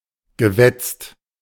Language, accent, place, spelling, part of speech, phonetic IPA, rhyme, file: German, Germany, Berlin, gewetzt, verb, [ɡəˈvɛt͡st], -ɛt͡st, De-gewetzt.ogg
- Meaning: past participle of wetzen